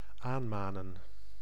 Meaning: to admonish, to urge
- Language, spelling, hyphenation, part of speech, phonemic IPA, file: Dutch, aanmanen, aan‧ma‧nen, verb, /ˈaːnˌmaː.nə(n)/, Nl-aanmanen.ogg